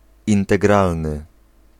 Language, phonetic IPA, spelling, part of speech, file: Polish, [ˌĩntɛˈɡralnɨ], integralny, adjective, Pl-integralny.ogg